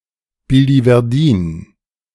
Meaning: biliverdin
- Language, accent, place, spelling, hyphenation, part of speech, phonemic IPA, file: German, Germany, Berlin, Biliverdin, Bi‧li‧ver‧din, noun, /bilivɛʁˈdiːn/, De-Biliverdin.ogg